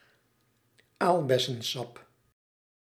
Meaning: currant juice (of Ribes nigrum or Ribes rubrum)
- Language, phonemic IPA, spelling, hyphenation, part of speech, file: Dutch, /ˈaːl.bɛ.sə(n)ˌsɑp/, aalbessensap, aal‧bes‧sen‧sap, noun, Nl-aalbessensap.ogg